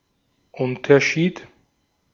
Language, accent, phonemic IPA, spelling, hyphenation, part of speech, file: German, Austria, /ˈʔʊntɐˌʃiːt/, Unterschied, Un‧ter‧schied, noun, De-at-Unterschied.ogg
- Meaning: difference